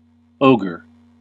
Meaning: 1. A large, grotesque, brutish humanoid monster, typically marked by great strength and a propensity to kill or devour humans 2. A cruel person
- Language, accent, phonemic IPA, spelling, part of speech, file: English, US, /ˈoʊ.ɡɚ/, ogre, noun, En-us-ogre.ogg